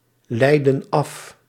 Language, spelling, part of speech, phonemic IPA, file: Dutch, leidden af, verb, /ˈlɛidə(n) ˈɑf/, Nl-leidden af.ogg
- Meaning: inflection of afleiden: 1. plural past indicative 2. plural past subjunctive